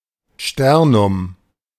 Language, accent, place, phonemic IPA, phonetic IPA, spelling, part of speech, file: German, Germany, Berlin, /ˈʃtɛʁnʊm/, [ˈstɛʁnʊm], Sternum, noun, De-Sternum.ogg
- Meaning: sternum, breastbone